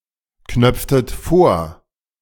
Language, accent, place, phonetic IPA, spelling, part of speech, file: German, Germany, Berlin, [ˌknœp͡ftət ˈfoːɐ̯], knöpftet vor, verb, De-knöpftet vor.ogg
- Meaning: inflection of vorknöpfen: 1. second-person plural preterite 2. second-person plural subjunctive II